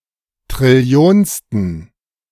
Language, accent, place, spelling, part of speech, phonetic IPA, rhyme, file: German, Germany, Berlin, trillionsten, adjective, [tʁɪˈli̯oːnstn̩], -oːnstn̩, De-trillionsten.ogg
- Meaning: inflection of trillionste: 1. strong genitive masculine/neuter singular 2. weak/mixed genitive/dative all-gender singular 3. strong/weak/mixed accusative masculine singular 4. strong dative plural